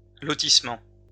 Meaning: 1. estate, housing estate 2. plot of land, lot
- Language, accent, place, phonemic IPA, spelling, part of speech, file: French, France, Lyon, /lɔ.tis.mɑ̃/, lotissement, noun, LL-Q150 (fra)-lotissement.wav